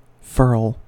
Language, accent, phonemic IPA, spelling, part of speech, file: English, US, /fɝl/, furl, verb, En-us-furl.ogg
- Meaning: To lower, roll up and secure (something, such as a sail or flag)